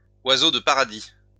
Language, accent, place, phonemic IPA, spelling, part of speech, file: French, France, Lyon, /wa.zo d(ə) pa.ʁa.di/, oiseau de paradis, noun, LL-Q150 (fra)-oiseau de paradis.wav
- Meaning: bird of paradise (bird)